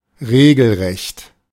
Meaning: downright
- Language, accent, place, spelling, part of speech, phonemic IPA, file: German, Germany, Berlin, regelrecht, adjective, /ˈʁeːɡl̩ˌʁɛçt/, De-regelrecht.ogg